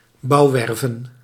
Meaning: plural of bouwwerf
- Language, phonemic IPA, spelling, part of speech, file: Dutch, /ˈbɑuwɛrvə(n)/, bouwwerven, noun, Nl-bouwwerven.ogg